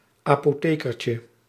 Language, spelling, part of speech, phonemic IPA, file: Dutch, apothekertje, noun, /apoˈtekərcə/, Nl-apothekertje.ogg
- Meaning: diminutive of apotheker